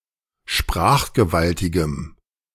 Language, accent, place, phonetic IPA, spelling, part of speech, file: German, Germany, Berlin, [ˈʃpʁaːxɡəˌvaltɪɡəm], sprachgewaltigem, adjective, De-sprachgewaltigem.ogg
- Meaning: strong dative masculine/neuter singular of sprachgewaltig